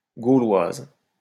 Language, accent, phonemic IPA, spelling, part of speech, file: French, France, /ɡo.lwaz/, Gauloise, noun, LL-Q150 (fra)-Gauloise.wav
- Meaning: 1. female equivalent of Gaulois; female Gaul (female native or inhabitant of the historical region of Gaul, or poetically the modern nation of France) 2. a cigarette of the Gauloises brand